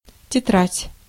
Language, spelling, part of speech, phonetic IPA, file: Russian, тетрадь, noun, [tʲɪˈtratʲ], Ru-тетрадь.ogg
- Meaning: 1. exercise book, notebook 2. signature